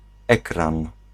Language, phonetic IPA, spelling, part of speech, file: Polish, [ˈɛkrãn], ekran, noun, Pl-ekran.ogg